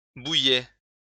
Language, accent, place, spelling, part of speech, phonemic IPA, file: French, France, Lyon, bouillais, verb, /bu.jɛ/, LL-Q150 (fra)-bouillais.wav
- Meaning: first/second-person singular imperfect indicative of bouillir